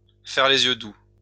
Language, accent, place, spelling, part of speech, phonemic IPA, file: French, France, Lyon, faire les yeux doux, verb, /fɛʁ le.z‿jø du/, LL-Q150 (fra)-faire les yeux doux.wav
- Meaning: to make eyes, to make cow eyes, to look with doe eyes